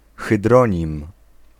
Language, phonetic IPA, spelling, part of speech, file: Polish, [xɨˈdrɔ̃ɲĩm], hydronim, noun, Pl-hydronim.ogg